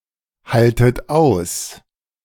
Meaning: inflection of aushalten: 1. second-person plural present 2. second-person plural subjunctive I 3. plural imperative
- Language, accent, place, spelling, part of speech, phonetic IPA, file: German, Germany, Berlin, haltet aus, verb, [ˌhaltət ˈaʊ̯s], De-haltet aus.ogg